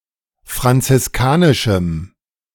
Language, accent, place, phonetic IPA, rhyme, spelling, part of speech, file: German, Germany, Berlin, [fʁant͡sɪsˈkaːnɪʃm̩], -aːnɪʃm̩, franziskanischem, adjective, De-franziskanischem.ogg
- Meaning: strong dative masculine/neuter singular of franziskanisch